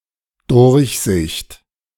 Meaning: perusal, review, examination
- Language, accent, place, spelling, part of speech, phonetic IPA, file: German, Germany, Berlin, Durchsicht, noun, [ˈdʊʁçˌzɪçt], De-Durchsicht.ogg